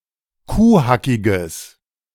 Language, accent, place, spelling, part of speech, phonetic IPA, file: German, Germany, Berlin, kuhhackiges, adjective, [ˈkuːˌhakɪɡəs], De-kuhhackiges.ogg
- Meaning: strong/mixed nominative/accusative neuter singular of kuhhackig